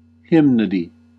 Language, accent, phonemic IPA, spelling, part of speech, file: English, US, /ˈhɪm.nə.di/, hymnody, noun, En-us-hymnody.ogg
- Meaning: 1. The writing, composing, or singing of hymns or psalms 2. The hymns of a particular church or of a particular time